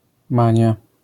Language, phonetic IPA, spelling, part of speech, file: Polish, [ˈmãɲja], mania, noun, LL-Q809 (pol)-mania.wav